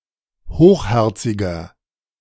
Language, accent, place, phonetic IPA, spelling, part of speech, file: German, Germany, Berlin, [ˈhoːxˌhɛʁt͡sɪɡɐ], hochherziger, adjective, De-hochherziger.ogg
- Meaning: 1. comparative degree of hochherzig 2. inflection of hochherzig: strong/mixed nominative masculine singular 3. inflection of hochherzig: strong genitive/dative feminine singular